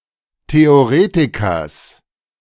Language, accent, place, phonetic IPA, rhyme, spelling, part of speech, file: German, Germany, Berlin, [teoˈʁeːtɪkɐs], -eːtɪkɐs, Theoretikers, noun, De-Theoretikers.ogg
- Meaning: genitive of Theoretiker